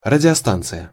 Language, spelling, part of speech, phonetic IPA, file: Russian, радиостанция, noun, [rədʲɪɐˈstant͡sɨjə], Ru-радиостанция.ogg
- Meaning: radio station, broadcasting station